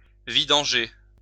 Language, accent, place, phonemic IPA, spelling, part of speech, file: French, France, Lyon, /vi.dɑ̃.ʒe/, vidanger, verb, LL-Q150 (fra)-vidanger.wav
- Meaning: 1. to empty a reservoir, cesspit etc 2. to change the oil in the motor of a vehicle